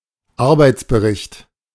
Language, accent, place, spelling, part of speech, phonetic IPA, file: German, Germany, Berlin, Arbeitsbericht, noun, [ˈaʁbaɪ̯t͡sbəˌʁɪçt], De-Arbeitsbericht.ogg
- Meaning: work report